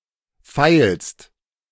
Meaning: second-person singular present of feilen
- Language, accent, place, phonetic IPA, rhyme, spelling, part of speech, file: German, Germany, Berlin, [faɪ̯lst], -aɪ̯lst, feilst, verb, De-feilst.ogg